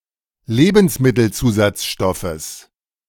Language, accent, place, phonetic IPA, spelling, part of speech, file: German, Germany, Berlin, [ˈleːbn̩smɪtl̩ˌt͡suːzat͡sʃtɔfəs], Lebensmittelzusatzstoffes, noun, De-Lebensmittelzusatzstoffes.ogg
- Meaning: genitive singular of Lebensmittelzusatzstoff